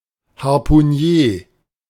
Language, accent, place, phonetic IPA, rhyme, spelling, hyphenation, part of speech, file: German, Germany, Berlin, [haʁpuˈniːɐ̯], -iːɐ̯, Harpunier, Har‧pu‧nier, noun, De-Harpunier.ogg
- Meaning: harpooner